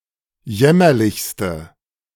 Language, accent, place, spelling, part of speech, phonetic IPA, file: German, Germany, Berlin, jämmerlichste, adjective, [ˈjɛmɐlɪçstə], De-jämmerlichste.ogg
- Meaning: inflection of jämmerlich: 1. strong/mixed nominative/accusative feminine singular superlative degree 2. strong nominative/accusative plural superlative degree